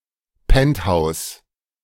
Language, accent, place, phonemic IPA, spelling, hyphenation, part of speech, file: German, Germany, Berlin, /ˈpɛnthaʊ̯s/, Penthouse, Pent‧house, noun, De-Penthouse.ogg
- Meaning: penthouse